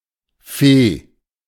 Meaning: 1. squirrel fur; vair 2. a squirrel from which such fur can be produced, especially the Siberian subspecies of the red squirrel 3. ermine 4. vair
- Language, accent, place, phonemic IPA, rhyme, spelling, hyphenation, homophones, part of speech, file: German, Germany, Berlin, /feː/, -eː, Feh, Feh, Fee, noun, De-Feh.ogg